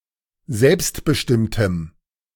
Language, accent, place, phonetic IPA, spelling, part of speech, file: German, Germany, Berlin, [ˈzɛlpstbəˌʃtɪmtəm], selbstbestimmtem, adjective, De-selbstbestimmtem.ogg
- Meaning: strong dative masculine/neuter singular of selbstbestimmt